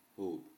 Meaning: dove, pigeon
- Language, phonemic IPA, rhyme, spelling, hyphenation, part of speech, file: Upper Sorbian, /ˈɦɔwp/, -ɔwp, hołb, hołb, noun, Hsb-hołb.ogg